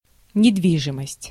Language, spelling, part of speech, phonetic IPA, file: Russian, недвижимость, noun, [nʲɪdˈvʲiʐɨməsʲtʲ], Ru-недвижимость.ogg
- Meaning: real estate